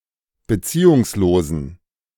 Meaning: inflection of beziehungslos: 1. strong genitive masculine/neuter singular 2. weak/mixed genitive/dative all-gender singular 3. strong/weak/mixed accusative masculine singular 4. strong dative plural
- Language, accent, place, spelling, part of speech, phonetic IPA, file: German, Germany, Berlin, beziehungslosen, adjective, [bəˈt͡siːʊŋsˌloːzn̩], De-beziehungslosen.ogg